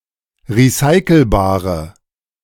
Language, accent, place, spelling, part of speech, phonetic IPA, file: German, Germany, Berlin, recyclebare, adjective, [ʁiˈsaɪ̯kl̩baːʁə], De-recyclebare.ogg
- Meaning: inflection of recyclebar: 1. strong/mixed nominative/accusative feminine singular 2. strong nominative/accusative plural 3. weak nominative all-gender singular